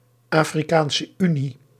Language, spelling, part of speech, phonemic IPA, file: Dutch, Afrikaanse Unie, proper noun, /aː.friˌkaːn.sə ˈy.ni/, Nl-Afrikaanse Unie.ogg
- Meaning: African Union